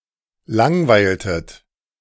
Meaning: inflection of langweilen: 1. second-person plural preterite 2. second-person plural subjunctive II
- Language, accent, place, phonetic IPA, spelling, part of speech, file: German, Germany, Berlin, [ˈlaŋˌvaɪ̯ltət], langweiltet, verb, De-langweiltet.ogg